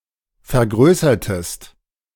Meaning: inflection of vergrößern: 1. second-person singular preterite 2. second-person singular subjunctive II
- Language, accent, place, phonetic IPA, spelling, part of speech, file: German, Germany, Berlin, [fɛɐ̯ˈɡʁøːsɐtəst], vergrößertest, verb, De-vergrößertest.ogg